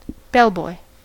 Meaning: A male worker, usually at a hotel, who carries luggage and runs errands
- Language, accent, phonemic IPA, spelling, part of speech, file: English, US, /ˈbɛlˌbɔɪ/, bellboy, noun, En-us-bellboy.ogg